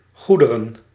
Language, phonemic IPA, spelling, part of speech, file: Dutch, /ˈɣudərə(n)/, goederen, noun, Nl-goederen.ogg
- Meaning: plural of goed